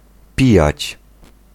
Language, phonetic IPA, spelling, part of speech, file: Polish, [ˈpʲijät͡ɕ], pijać, verb, Pl-pijać.ogg